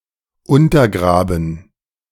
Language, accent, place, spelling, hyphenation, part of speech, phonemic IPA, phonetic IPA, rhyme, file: German, Germany, Berlin, untergraben, un‧ter‧gra‧ben, verb, /ˌʊntɐˈɡʁaːbən/, [ˌʊntɐˈɡʁaːbn̩], -aːbn̩, De-untergraben.ogg
- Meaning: to undermine, to subvert